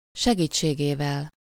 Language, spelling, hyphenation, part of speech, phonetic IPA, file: Hungarian, segítségével, se‧gít‧sé‧gé‧vel, noun / postposition, [ˈʃɛɡiːt͡ʃːeːɡeːvɛl], Hu-segítségével.ogg
- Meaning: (noun) instrumental of segítsége; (postposition) by means of, by, via, through (the good offices of), thanks to